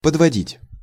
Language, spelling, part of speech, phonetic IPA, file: Russian, подводить, verb, [pədvɐˈdʲitʲ], Ru-подводить.ogg
- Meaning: 1. to bring closer 2. to place (under) 3. to substantiate (with), to support (with), to account (for by) 4. to class, to group together, to present (as), to depict (as) 5. to drive (at), to suggest